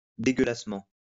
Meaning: disgustingly, revoltingly
- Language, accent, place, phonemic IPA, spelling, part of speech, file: French, France, Lyon, /de.ɡœ.las.mɑ̃/, dégueulassement, adverb, LL-Q150 (fra)-dégueulassement.wav